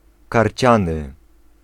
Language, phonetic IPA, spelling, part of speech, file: Polish, [karʲˈt͡ɕãnɨ], karciany, adjective, Pl-karciany.ogg